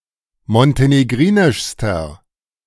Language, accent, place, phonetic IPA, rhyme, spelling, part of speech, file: German, Germany, Berlin, [mɔnteneˈɡʁiːnɪʃstɐ], -iːnɪʃstɐ, montenegrinischster, adjective, De-montenegrinischster.ogg
- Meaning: inflection of montenegrinisch: 1. strong/mixed nominative masculine singular superlative degree 2. strong genitive/dative feminine singular superlative degree